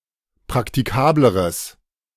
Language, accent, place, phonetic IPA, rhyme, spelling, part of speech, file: German, Germany, Berlin, [pʁaktiˈkaːbləʁəs], -aːbləʁəs, praktikableres, adjective, De-praktikableres.ogg
- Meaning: strong/mixed nominative/accusative neuter singular comparative degree of praktikabel